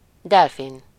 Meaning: dolphin
- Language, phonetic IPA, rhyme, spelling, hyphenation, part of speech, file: Hungarian, [ˈdɛlfin], -in, delfin, del‧fin, noun, Hu-delfin.ogg